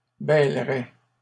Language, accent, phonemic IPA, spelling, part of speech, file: French, Canada, /bɛl.ʁɛ/, bêlerais, verb, LL-Q150 (fra)-bêlerais.wav
- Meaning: first/second-person singular conditional of bêler